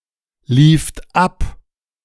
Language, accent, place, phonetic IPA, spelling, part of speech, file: German, Germany, Berlin, [ˌliːft ˈap], lieft ab, verb, De-lieft ab.ogg
- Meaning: second-person plural preterite of ablaufen